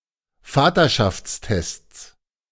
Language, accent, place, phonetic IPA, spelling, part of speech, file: German, Germany, Berlin, [ˈfaːtɐʃaft͡sˌtɛst͡s], Vaterschaftstests, noun, De-Vaterschaftstests.ogg
- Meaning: plural of Vaterschaftstest